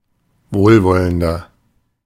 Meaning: 1. comparative degree of wohlwollend 2. inflection of wohlwollend: strong/mixed nominative masculine singular 3. inflection of wohlwollend: strong genitive/dative feminine singular
- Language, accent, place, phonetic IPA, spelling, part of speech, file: German, Germany, Berlin, [ˈvoːlˌvɔləndɐ], wohlwollender, adjective, De-wohlwollender.ogg